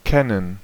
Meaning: to know; to be acquainted with; to be familiar with
- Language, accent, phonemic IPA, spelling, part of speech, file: German, Germany, /ˈkɛnən/, kennen, verb, De-kennen.ogg